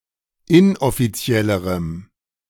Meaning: strong dative masculine/neuter singular comparative degree of inoffiziell
- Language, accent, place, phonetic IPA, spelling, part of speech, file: German, Germany, Berlin, [ˈɪnʔɔfiˌt͡si̯ɛləʁəm], inoffiziellerem, adjective, De-inoffiziellerem.ogg